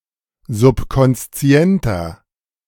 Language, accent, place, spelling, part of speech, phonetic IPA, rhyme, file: German, Germany, Berlin, subkonszienter, adjective, [zʊpkɔnsˈt͡si̯ɛntɐ], -ɛntɐ, De-subkonszienter.ogg
- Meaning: inflection of subkonszient: 1. strong/mixed nominative masculine singular 2. strong genitive/dative feminine singular 3. strong genitive plural